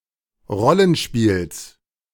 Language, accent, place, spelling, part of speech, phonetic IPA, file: German, Germany, Berlin, Rollenspiels, noun, [ˈʁɔlənˌʃpiːls], De-Rollenspiels.ogg
- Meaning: genitive singular of Rollenspiel